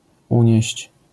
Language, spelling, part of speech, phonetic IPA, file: Polish, unieść, verb, [ˈũɲɛ̇ɕt͡ɕ], LL-Q809 (pol)-unieść.wav